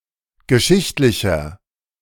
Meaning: inflection of geschichtlich: 1. strong/mixed nominative masculine singular 2. strong genitive/dative feminine singular 3. strong genitive plural
- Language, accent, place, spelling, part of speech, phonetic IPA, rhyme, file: German, Germany, Berlin, geschichtlicher, adjective, [ɡəˈʃɪçtlɪçɐ], -ɪçtlɪçɐ, De-geschichtlicher.ogg